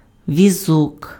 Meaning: cart, trolley
- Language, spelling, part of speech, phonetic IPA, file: Ukrainian, візок, noun, [ʋʲiˈzɔk], Uk-візок.ogg